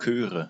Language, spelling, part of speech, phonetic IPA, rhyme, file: German, Chöre, noun, [ˈkøːʁə], -øːʁə, De-Chöre.ogg
- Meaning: nominative/accusative/genitive plural of Chor